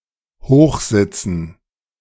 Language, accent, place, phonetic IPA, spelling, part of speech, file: German, Germany, Berlin, [ˈhoːxˌzɪt͡sn̩], Hochsitzen, noun, De-Hochsitzen.ogg
- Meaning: dative plural of Hochsitz